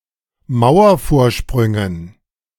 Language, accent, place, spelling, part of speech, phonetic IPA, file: German, Germany, Berlin, Mauervorsprüngen, noun, [ˈmaʊ̯ɐfoːɐ̯ˌʃpʁʏŋən], De-Mauervorsprüngen.ogg
- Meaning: dative plural of Mauervorsprung